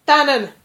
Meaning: 1. hand (of humans) 2. leg (of animals)
- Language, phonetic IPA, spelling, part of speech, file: Malagasy, [ˈta.nən], tanana, noun, Mg-tanana.ogg